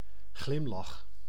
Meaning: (noun) smile; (verb) inflection of glimlachen: 1. first-person singular present indicative 2. second-person singular present indicative 3. imperative
- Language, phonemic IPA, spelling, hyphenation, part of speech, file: Dutch, /ˈɣlɪm.lɑx/, glimlach, glim‧lach, noun / verb, Nl-glimlach.ogg